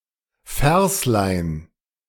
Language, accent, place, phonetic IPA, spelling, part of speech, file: German, Germany, Berlin, [ˈfɛʁslaɪ̯n], Verslein, noun, De-Verslein.ogg
- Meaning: diminutive of Vers